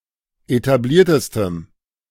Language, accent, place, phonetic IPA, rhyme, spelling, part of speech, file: German, Germany, Berlin, [etaˈbliːɐ̯təstəm], -iːɐ̯təstəm, etabliertestem, adjective, De-etabliertestem.ogg
- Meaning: strong dative masculine/neuter singular superlative degree of etabliert